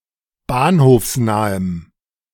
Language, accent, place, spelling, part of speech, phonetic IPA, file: German, Germany, Berlin, bahnhofsnahem, adjective, [ˈbaːnhoːfsˌnaːəm], De-bahnhofsnahem.ogg
- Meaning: strong dative masculine/neuter singular of bahnhofsnah